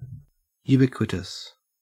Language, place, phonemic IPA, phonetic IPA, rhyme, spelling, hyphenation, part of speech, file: English, Queensland, /jʉːˈbɪkwɪtəs/, [jʉːˈbɪkwɪɾəs], -ɪkwɪtəs, ubiquitous, ubi‧quit‧ous, adjective, En-au-ubiquitous.ogg
- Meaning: 1. Being everywhere at once: omnipresent 2. Appearing to be everywhere at once; being or seeming to be in more than one location at the same time 3. Widespread; very prevalent